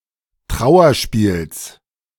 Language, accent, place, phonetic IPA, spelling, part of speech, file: German, Germany, Berlin, [ˈtʁaʊ̯ɐˌʃpiːls], Trauerspiels, noun, De-Trauerspiels.ogg
- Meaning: genitive singular of Trauerspiel